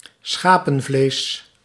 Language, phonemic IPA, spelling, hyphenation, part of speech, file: Dutch, /ˈsxaː.pə(n)ˌvleːs/, schapenvlees, scha‧pen‧vlees, noun, Nl-schapenvlees.ogg
- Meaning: mutton